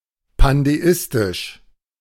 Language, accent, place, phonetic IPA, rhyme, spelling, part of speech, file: German, Germany, Berlin, [pandeˈɪstɪʃ], -ɪstɪʃ, pandeistisch, adjective, De-pandeistisch.ogg
- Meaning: pandeistic